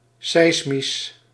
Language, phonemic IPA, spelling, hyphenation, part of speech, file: Dutch, /ˈsɛi̯s.mis/, seismisch, seis‧misch, adjective, Nl-seismisch.ogg
- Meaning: seismic (related to earthquakes, seismology or Earth vibrations)